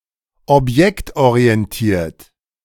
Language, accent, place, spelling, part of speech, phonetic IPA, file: German, Germany, Berlin, objektorientiert, adjective, [ɔpˈjɛktʔoʁiɛnˌtiːɐ̯t], De-objektorientiert.ogg
- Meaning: object-oriented